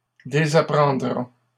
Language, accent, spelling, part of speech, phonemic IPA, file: French, Canada, désapprendra, verb, /de.za.pʁɑ̃.dʁa/, LL-Q150 (fra)-désapprendra.wav
- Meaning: third-person singular simple future of désapprendre